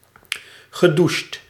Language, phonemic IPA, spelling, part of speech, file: Dutch, /ɣəˈduʃt/, gedoucht, verb, Nl-gedoucht.ogg
- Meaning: past participle of douchen